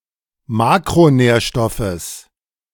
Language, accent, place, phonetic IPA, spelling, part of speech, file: German, Germany, Berlin, [ˈmaːkʁoˌnɛːɐ̯ʃtɔfəs], Makronährstoffes, noun, De-Makronährstoffes.ogg
- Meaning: genitive singular of Makronährstoff